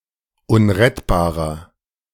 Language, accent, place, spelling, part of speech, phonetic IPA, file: German, Germany, Berlin, unrettbarer, adjective, [ˈʊnʁɛtbaːʁɐ], De-unrettbarer.ogg
- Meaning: 1. comparative degree of unrettbar 2. inflection of unrettbar: strong/mixed nominative masculine singular 3. inflection of unrettbar: strong genitive/dative feminine singular